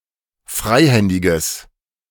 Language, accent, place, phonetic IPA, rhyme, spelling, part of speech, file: German, Germany, Berlin, [ˈfʁaɪ̯ˌhɛndɪɡəs], -aɪ̯hɛndɪɡəs, freihändiges, adjective, De-freihändiges.ogg
- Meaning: strong/mixed nominative/accusative neuter singular of freihändig